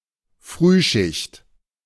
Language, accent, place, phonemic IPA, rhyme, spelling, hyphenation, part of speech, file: German, Germany, Berlin, /ˈfʁyːˌʃɪçt/, -ɪçt, Frühschicht, Früh‧schicht, noun, De-Frühschicht.ogg
- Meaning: early shift